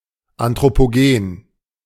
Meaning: anthropogenic
- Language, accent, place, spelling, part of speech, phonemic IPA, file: German, Germany, Berlin, anthropogen, adjective, /ˌantʁopoˈɡeːn/, De-anthropogen.ogg